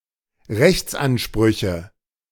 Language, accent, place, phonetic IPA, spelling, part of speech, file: German, Germany, Berlin, [ˈʁɛçt͡sʔanˌʃpʁʏçə], Rechtsansprüche, noun, De-Rechtsansprüche.ogg
- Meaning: nominative/accusative/genitive plural of Rechtsanspruch